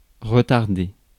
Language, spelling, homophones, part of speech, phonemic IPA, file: French, retarder, retardai / retardé / retardée / retardées / retardés / retardez, verb, /ʁə.taʁ.de/, Fr-retarder.ogg
- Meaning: 1. to retard, slow down 2. to postpone, put back